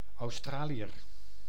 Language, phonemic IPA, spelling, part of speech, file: Dutch, /ɑuˈstraːliər/, Australiër, noun, Nl-Australiër.ogg
- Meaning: Australian (person from Australia or of Australian descent)